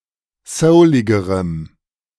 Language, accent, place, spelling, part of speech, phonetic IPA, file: German, Germany, Berlin, souligerem, adjective, [ˈsəʊlɪɡəʁəm], De-souligerem.ogg
- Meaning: strong dative masculine/neuter singular comparative degree of soulig